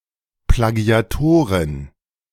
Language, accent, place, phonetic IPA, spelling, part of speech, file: German, Germany, Berlin, [plaˌɡi̯aˈtoːʁɪn], Plagiatorin, noun, De-Plagiatorin.ogg
- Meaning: female equivalent of Plagiator (“plagiarist”)